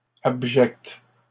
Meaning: feminine singular of abject
- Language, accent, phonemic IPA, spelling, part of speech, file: French, Canada, /ab.ʒɛkt/, abjecte, adjective, LL-Q150 (fra)-abjecte.wav